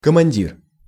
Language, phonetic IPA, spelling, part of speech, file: Russian, [kəmɐnʲˈdʲir], командир, noun, Ru-командир.ogg
- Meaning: 1. commander, commanding officer 2. boss, chief, Cap (term of address to a man)